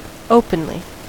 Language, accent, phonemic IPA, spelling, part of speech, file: English, US, /ˈoʊpənli/, openly, adverb, En-us-openly.ogg
- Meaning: In an open manner; visibly